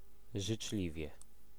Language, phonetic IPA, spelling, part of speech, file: Polish, [ʒɨt͡ʃˈlʲivʲjɛ], życzliwie, adverb, Pl-życzliwie.ogg